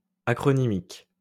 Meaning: acronymic
- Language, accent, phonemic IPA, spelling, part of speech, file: French, France, /a.kʁɔ.ni.mik/, acronymique, adjective, LL-Q150 (fra)-acronymique.wav